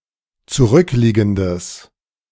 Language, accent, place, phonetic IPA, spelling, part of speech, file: German, Germany, Berlin, [t͡suˈʁʏkˌliːɡn̩dəs], zurückliegendes, adjective, De-zurückliegendes.ogg
- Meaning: strong/mixed nominative/accusative neuter singular of zurückliegend